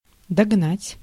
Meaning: 1. to catch up, to overtake 2. to drive to, to bring to
- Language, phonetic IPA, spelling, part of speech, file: Russian, [dɐɡˈnatʲ], догнать, verb, Ru-догнать.ogg